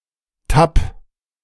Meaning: singular imperative of tappen
- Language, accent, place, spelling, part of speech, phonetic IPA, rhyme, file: German, Germany, Berlin, tapp, interjection / verb, [tap], -ap, De-tapp.ogg